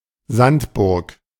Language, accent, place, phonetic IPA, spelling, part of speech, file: German, Germany, Berlin, [ˈzantˌbʊʁk], Sandburg, noun, De-Sandburg.ogg
- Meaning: sandcastle